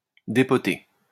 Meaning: to unpot
- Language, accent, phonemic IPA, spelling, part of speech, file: French, France, /de.pɔ.te/, dépoter, verb, LL-Q150 (fra)-dépoter.wav